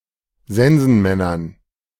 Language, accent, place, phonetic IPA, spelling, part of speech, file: German, Germany, Berlin, [ˈzɛnzn̩ˌmɛnɐn], Sensenmännern, noun, De-Sensenmännern.ogg
- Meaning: dative plural of Sensenmann